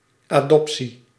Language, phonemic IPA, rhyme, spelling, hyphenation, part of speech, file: Dutch, /ˌaːˈdɔp.si/, -ɔpsi, adoptie, adop‧tie, noun, Nl-adoptie.ogg
- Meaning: adoption